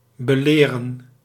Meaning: 1. to reprimand, to criticise (now usually connoting pedantry) 2. to educate
- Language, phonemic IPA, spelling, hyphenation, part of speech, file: Dutch, /bəˈleː.rə(n)/, beleren, be‧le‧ren, verb, Nl-beleren.ogg